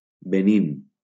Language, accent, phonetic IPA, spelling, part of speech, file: Catalan, Valencia, [beˈnin], Benín, proper noun, LL-Q7026 (cat)-Benín.wav
- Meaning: Benin (a country in West Africa, formerly Dahomey)